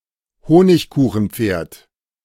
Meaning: gingerbread horse
- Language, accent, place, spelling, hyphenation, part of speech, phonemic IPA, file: German, Germany, Berlin, Honigkuchenpferd, Ho‧nig‧ku‧chen‧pferd, noun, /ˈhoːnɪçˌkuːxənˌp͡feːɐ̯t/, De-Honigkuchenpferd.ogg